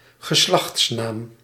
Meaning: family name
- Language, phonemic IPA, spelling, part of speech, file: Dutch, /ɣəˈslɑx(t)snam/, geslachtsnaam, noun, Nl-geslachtsnaam.ogg